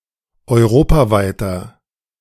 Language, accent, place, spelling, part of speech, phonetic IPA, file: German, Germany, Berlin, europaweiter, adjective, [ɔɪ̯ˈʁoːpaˌvaɪ̯tɐ], De-europaweiter.ogg
- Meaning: inflection of europaweit: 1. strong/mixed nominative masculine singular 2. strong genitive/dative feminine singular 3. strong genitive plural